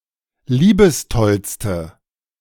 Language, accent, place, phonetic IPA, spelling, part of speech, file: German, Germany, Berlin, [ˈliːbəsˌtɔlstə], liebestollste, adjective, De-liebestollste.ogg
- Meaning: inflection of liebestoll: 1. strong/mixed nominative/accusative feminine singular superlative degree 2. strong nominative/accusative plural superlative degree